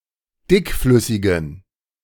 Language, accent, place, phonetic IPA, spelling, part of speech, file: German, Germany, Berlin, [ˈdɪkˌflʏsɪɡn̩], dickflüssigen, adjective, De-dickflüssigen.ogg
- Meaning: inflection of dickflüssig: 1. strong genitive masculine/neuter singular 2. weak/mixed genitive/dative all-gender singular 3. strong/weak/mixed accusative masculine singular 4. strong dative plural